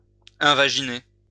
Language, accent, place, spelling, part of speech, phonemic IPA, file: French, France, Lyon, invaginer, verb, /ɛ̃.va.ʒi.ne/, LL-Q150 (fra)-invaginer.wav
- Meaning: to invaginate